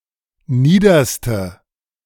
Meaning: inflection of nieder: 1. strong/mixed nominative/accusative feminine singular superlative degree 2. strong nominative/accusative plural superlative degree
- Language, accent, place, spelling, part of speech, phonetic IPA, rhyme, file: German, Germany, Berlin, niederste, adjective, [ˈniːdɐstə], -iːdɐstə, De-niederste.ogg